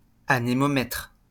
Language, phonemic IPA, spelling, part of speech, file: French, /a.ne.mɔ.mɛtʁ/, anémomètre, noun, LL-Q150 (fra)-anémomètre.wav
- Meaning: anemometer